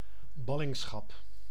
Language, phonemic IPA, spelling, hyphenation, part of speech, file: Dutch, /ˈbɑ.lɪŋˌsxɑp/, ballingschap, bal‧ling‧schap, noun, Nl-ballingschap.ogg
- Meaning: exile (state of being in exile)